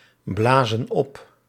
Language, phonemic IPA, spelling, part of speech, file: Dutch, /ˈblazə(n) ˈɔp/, blazen op, verb, Nl-blazen op.ogg
- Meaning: inflection of opblazen: 1. plural present indicative 2. plural present subjunctive